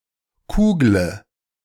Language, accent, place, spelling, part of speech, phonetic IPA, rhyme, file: German, Germany, Berlin, kugle, verb, [ˈkuːɡlə], -uːɡlə, De-kugle.ogg
- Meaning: inflection of kugeln: 1. first-person singular present 2. first/third-person singular subjunctive I 3. singular imperative